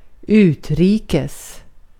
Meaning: abroad, overseas, in or pertaining to foreign countries
- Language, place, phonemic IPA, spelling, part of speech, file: Swedish, Gotland, /²ʉːtˌriːkɛs/, utrikes, adverb, Sv-utrikes.ogg